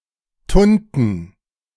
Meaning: plural of Tunte
- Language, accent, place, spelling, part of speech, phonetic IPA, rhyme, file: German, Germany, Berlin, Tunten, noun, [ˈtʊntn̩], -ʊntn̩, De-Tunten.ogg